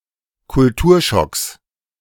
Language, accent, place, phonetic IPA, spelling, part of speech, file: German, Germany, Berlin, [kʊlˈtuːɐ̯ˌʃɔks], Kulturschocks, noun, De-Kulturschocks.ogg
- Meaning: plural of Kulturschock